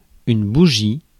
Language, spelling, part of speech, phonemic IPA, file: French, bougie, noun, /bu.ʒi/, Fr-bougie.ogg
- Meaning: 1. candle 2. spark plug